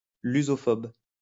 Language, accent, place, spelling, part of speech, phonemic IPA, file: French, France, Lyon, lusophobe, adjective, /ly.zɔ.fɔb/, LL-Q150 (fra)-lusophobe.wav
- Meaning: Lusophobe